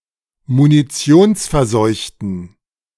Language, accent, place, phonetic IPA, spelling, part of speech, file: German, Germany, Berlin, [muniˈt͡si̯oːnsfɛɐ̯ˌzɔɪ̯çtn̩], munitionsverseuchten, adjective, De-munitionsverseuchten.ogg
- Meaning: inflection of munitionsverseucht: 1. strong genitive masculine/neuter singular 2. weak/mixed genitive/dative all-gender singular 3. strong/weak/mixed accusative masculine singular